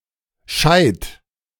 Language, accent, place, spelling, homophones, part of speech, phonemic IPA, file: German, Germany, Berlin, Scheit, scheid, noun, /ʃaɪ̯t/, De-Scheit.ogg
- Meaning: log, billet, stick (of firewood)